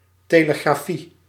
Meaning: telegraphy
- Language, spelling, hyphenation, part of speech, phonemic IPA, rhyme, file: Dutch, telegrafie, te‧le‧gra‧fie, noun, /ˌteː.lə.ɣraːˈfi/, -i, Nl-telegrafie.ogg